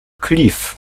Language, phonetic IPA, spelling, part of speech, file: Polish, [klʲif], klif, noun, Pl-klif.ogg